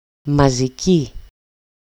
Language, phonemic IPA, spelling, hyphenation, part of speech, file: Greek, /ma.zi.ˈci/, μαζική, μα‧ζι‧κή, adjective, EL-μαζική.ogg
- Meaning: nominative/accusative/vocative feminine singular of μαζικός (mazikós)